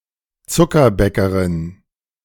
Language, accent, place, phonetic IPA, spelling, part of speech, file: German, Germany, Berlin, [ˈtsʊkɐˌbɛkəʁɪn], Zuckerbäckerin, noun, De-Zuckerbäckerin.ogg
- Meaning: confectioner (female)